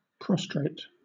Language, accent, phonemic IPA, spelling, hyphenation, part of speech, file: English, Southern England, /ˈpɹɒstɹeɪt/, prostrate, pros‧trate, adjective / verb, LL-Q1860 (eng)-prostrate.wav
- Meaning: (adjective) 1. Lying flat, face-down 2. Emotionally devastated 3. Physically incapacitated from environmental exposure or debilitating disease 4. Trailing on the ground; procumbent 5. Prostrated